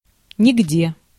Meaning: nowhere
- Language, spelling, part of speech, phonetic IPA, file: Russian, нигде, adverb, [nʲɪɡˈdʲe], Ru-нигде.ogg